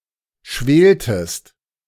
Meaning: inflection of schwelen: 1. second-person singular preterite 2. second-person singular subjunctive II
- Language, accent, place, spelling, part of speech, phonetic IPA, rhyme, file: German, Germany, Berlin, schweltest, verb, [ˈʃveːltəst], -eːltəst, De-schweltest.ogg